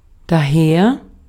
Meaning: 1. from there, thence 2. therefore; because of that; hence; thus 3. along
- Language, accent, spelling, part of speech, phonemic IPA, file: German, Austria, daher, adverb, /ˈdaːheːɐ̯/, De-at-daher.ogg